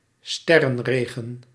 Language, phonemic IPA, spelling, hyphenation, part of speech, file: Dutch, /ˈstɛ.rə(n)ˌreː.ɣə(n)/, sterrenregen, ster‧ren‧re‧gen, noun, Nl-sterrenregen.ogg
- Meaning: a meteor shower, an instance of many shooting stars falling within a short timespan